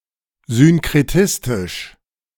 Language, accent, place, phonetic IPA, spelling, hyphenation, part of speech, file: German, Germany, Berlin, [synkʁɛtɪstɪʃ], synkretistisch, syn‧kre‧tis‧tisch, adjective, De-synkretistisch.ogg
- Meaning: 1. syncretic 2. syncretically